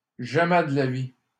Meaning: not on your life! not in this lifetime! not a chance! no way Jose! not in a million years! absolutely not!
- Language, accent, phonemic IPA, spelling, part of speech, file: French, Canada, /ʒa.mɛ d(ə) la vi/, jamais de la vie, interjection, LL-Q150 (fra)-jamais de la vie.wav